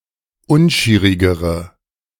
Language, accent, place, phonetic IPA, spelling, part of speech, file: German, Germany, Berlin, [ˈʊnˌʃiːʁɪɡəʁə], unschierigere, adjective, De-unschierigere.ogg
- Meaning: inflection of unschierig: 1. strong/mixed nominative/accusative feminine singular comparative degree 2. strong nominative/accusative plural comparative degree